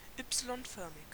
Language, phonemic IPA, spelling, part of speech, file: German, /ˈʏpsilɔnˌfœʁmɪç/, Y-förmig, adjective, De-Y-förmig.ogg
- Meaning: Y-shaped